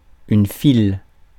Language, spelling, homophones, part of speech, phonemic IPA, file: French, file, fil / filent / files / fils / Phil / -phile / phylle / phylles, noun / verb, /fil/, Fr-file.ogg
- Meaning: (noun) 1. a line of objects placed one after the other 2. traffic jam; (verb) inflection of filer: 1. first/third-person singular present indicative/subjunctive 2. second-person singular imperative